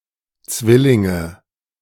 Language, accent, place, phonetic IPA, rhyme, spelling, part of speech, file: German, Germany, Berlin, [ˈt͡svɪlɪŋə], -ɪlɪŋə, Zwillinge, proper noun / noun, De-Zwillinge.ogg
- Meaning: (noun) nominative/accusative/genitive plural of Zwilling; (proper noun) Gemini